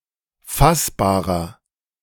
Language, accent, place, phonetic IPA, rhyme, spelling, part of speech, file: German, Germany, Berlin, [ˈfasbaːʁɐ], -asbaːʁɐ, fassbarer, adjective, De-fassbarer.ogg
- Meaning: 1. comparative degree of fassbar 2. inflection of fassbar: strong/mixed nominative masculine singular 3. inflection of fassbar: strong genitive/dative feminine singular